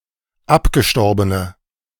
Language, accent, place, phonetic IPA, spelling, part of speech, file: German, Germany, Berlin, [ˈapɡəˌʃtɔʁbənə], abgestorbene, adjective, De-abgestorbene.ogg
- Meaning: inflection of abgestorben: 1. strong/mixed nominative/accusative feminine singular 2. strong nominative/accusative plural 3. weak nominative all-gender singular